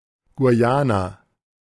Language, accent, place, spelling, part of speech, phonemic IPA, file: German, Germany, Berlin, Guyana, proper noun, /ɡuˈjaːna/, De-Guyana.ogg
- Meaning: Guyana (a country in South America)